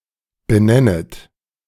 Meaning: second-person plural subjunctive I of benennen
- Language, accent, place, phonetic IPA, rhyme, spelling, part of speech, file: German, Germany, Berlin, [bəˈnɛnət], -ɛnət, benennet, verb, De-benennet.ogg